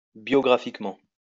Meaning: biographically
- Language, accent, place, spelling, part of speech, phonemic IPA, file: French, France, Lyon, biographiquement, adverb, /bjɔ.ɡʁa.fik.mɑ̃/, LL-Q150 (fra)-biographiquement.wav